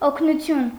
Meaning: help, assistance; aid; relief
- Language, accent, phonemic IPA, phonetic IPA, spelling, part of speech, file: Armenian, Eastern Armenian, /okʰnuˈtʰjun/, [okʰnut͡sʰjún], օգնություն, noun, Hy-օգնություն.ogg